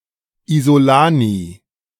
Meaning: isolated pawn
- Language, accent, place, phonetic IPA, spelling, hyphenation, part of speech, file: German, Germany, Berlin, [izoˈlaːni], Isolani, Iso‧la‧ni, noun, De-Isolani.ogg